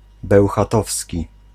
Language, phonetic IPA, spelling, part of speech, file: Polish, [ˌbɛwxaˈtɔfsʲci], bełchatowski, adjective, Pl-bełchatowski.ogg